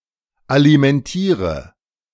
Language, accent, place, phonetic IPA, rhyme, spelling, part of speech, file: German, Germany, Berlin, [alimɛnˈtiːʁə], -iːʁə, alimentiere, verb, De-alimentiere.ogg
- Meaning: inflection of alimentieren: 1. first-person singular present 2. first/third-person singular subjunctive I 3. singular imperative